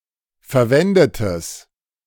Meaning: strong/mixed nominative/accusative neuter singular of verwendet
- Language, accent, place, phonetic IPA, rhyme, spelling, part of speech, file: German, Germany, Berlin, [fɛɐ̯ˈvɛndətəs], -ɛndətəs, verwendetes, adjective, De-verwendetes.ogg